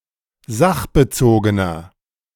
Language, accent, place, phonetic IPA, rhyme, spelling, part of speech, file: German, Germany, Berlin, [ˈzaxbəˌt͡soːɡənɐ], -axbət͡soːɡənɐ, sachbezogener, adjective, De-sachbezogener.ogg
- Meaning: 1. comparative degree of sachbezogen 2. inflection of sachbezogen: strong/mixed nominative masculine singular 3. inflection of sachbezogen: strong genitive/dative feminine singular